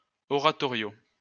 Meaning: oratorio
- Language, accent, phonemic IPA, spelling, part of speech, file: French, France, /ɔ.ʁa.tɔ.ʁjo/, oratorio, noun, LL-Q150 (fra)-oratorio.wav